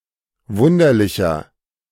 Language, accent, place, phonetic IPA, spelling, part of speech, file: German, Germany, Berlin, [ˈvʊndɐlɪçɐ], wunderlicher, adjective, De-wunderlicher.ogg
- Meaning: 1. comparative degree of wunderlich 2. inflection of wunderlich: strong/mixed nominative masculine singular 3. inflection of wunderlich: strong genitive/dative feminine singular